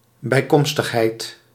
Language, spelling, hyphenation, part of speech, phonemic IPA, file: Dutch, bijkomstigheid, bij‧kom‧stig‧heid, noun, /ˌbɛi̯ˈkɔm.stəx.ɦɛi̯t/, Nl-bijkomstigheid.ogg
- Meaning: something that is less important and secondary to the main issue